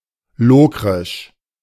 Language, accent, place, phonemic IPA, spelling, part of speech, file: German, Germany, Berlin, /ˈloːkʁɪʃ/, lokrisch, adjective, De-lokrisch.ogg
- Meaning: Locrian